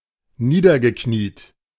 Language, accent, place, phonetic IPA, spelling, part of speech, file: German, Germany, Berlin, [ˈniːdɐɡəˌkniːt], niedergekniet, verb, De-niedergekniet.ogg
- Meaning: past participle of niederknieen